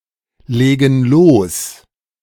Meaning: inflection of loslegen: 1. first/third-person plural present 2. first/third-person plural subjunctive I
- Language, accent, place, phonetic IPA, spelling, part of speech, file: German, Germany, Berlin, [ˌleːɡn̩ ˈloːs], legen los, verb, De-legen los.ogg